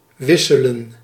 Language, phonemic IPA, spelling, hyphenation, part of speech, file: Dutch, /ˈʋɪsələ(n)/, wisselen, wis‧se‧len, verb, Nl-wisselen.ogg
- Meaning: 1. to swap, to exchange 2. to vary, to change (over time, by circumstances etc.)